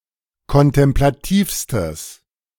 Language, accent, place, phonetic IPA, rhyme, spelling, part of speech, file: German, Germany, Berlin, [kɔntɛmplaˈtiːfstəs], -iːfstəs, kontemplativstes, adjective, De-kontemplativstes.ogg
- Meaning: strong/mixed nominative/accusative neuter singular superlative degree of kontemplativ